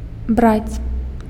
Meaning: to take
- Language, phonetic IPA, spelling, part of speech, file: Belarusian, [brat͡sʲ], браць, verb, Be-браць.ogg